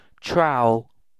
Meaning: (noun) 1. A mason’s tool, used in spreading and dressing mortar, and breaking bricks to shape them 2. A gardener’s tool, shaped like a scoop, used in taking up plants, stirring soil etc
- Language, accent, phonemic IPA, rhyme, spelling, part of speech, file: English, UK, /ˈtɹaʊ.əl/, -aʊəl, trowel, noun / verb, En-uk-trowel.ogg